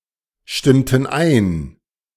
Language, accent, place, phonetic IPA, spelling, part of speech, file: German, Germany, Berlin, [ˌʃtɪmtn̩ ˈaɪ̯n], stimmten ein, verb, De-stimmten ein.ogg
- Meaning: inflection of einstimmen: 1. first/third-person plural preterite 2. first/third-person plural subjunctive II